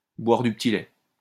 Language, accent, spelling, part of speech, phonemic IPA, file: French, France, boire du petit-lait, verb, /bwaʁ dy p(ə).ti.lɛ/, LL-Q150 (fra)-boire du petit-lait.wav
- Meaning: to jubilate, to exult, to take great delight in a situation, to be on cloud nine, to be in seventh heaven (to have a feeling of deep satisfaction)